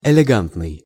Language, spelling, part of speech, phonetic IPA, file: Russian, элегантный, adjective, [ɪlʲɪˈɡantnɨj], Ru-элегантный.ogg
- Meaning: elegant (exhibiting elegance)